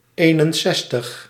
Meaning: sixty-one
- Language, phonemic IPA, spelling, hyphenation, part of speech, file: Dutch, /ˈeːnənˌsɛstəx/, eenenzestig, een‧en‧zes‧tig, numeral, Nl-eenenzestig.ogg